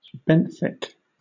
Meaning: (adjective) Pertaining to the benthos; living on the seafloor, as opposed to floating in the ocean; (noun) Any organism that lives on the seafloor
- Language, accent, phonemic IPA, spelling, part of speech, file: English, Southern England, /ˈbɛnθɪk/, benthic, adjective / noun, LL-Q1860 (eng)-benthic.wav